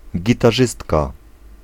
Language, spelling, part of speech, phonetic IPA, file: Polish, gitarzystka, noun, [ˌɟitaˈʒɨstka], Pl-gitarzystka.ogg